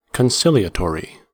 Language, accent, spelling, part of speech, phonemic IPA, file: English, US, conciliatory, adjective, /kənˈsɪl.i.əˌtɔɹ.i/, En-us-conciliatory.ogg
- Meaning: Willing to conciliate, or to make concessions